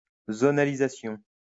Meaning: zonalisation
- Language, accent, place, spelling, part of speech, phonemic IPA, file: French, France, Lyon, zonalisation, noun, /zo.na.li.za.sjɔ̃/, LL-Q150 (fra)-zonalisation.wav